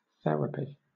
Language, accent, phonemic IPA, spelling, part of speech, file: English, Southern England, /ˈθɛɹ.ə.pi/, therapy, noun / verb, LL-Q1860 (eng)-therapy.wav
- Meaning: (noun) Attempted remediation of a health problem following a diagnosis, usually synonymous with treatment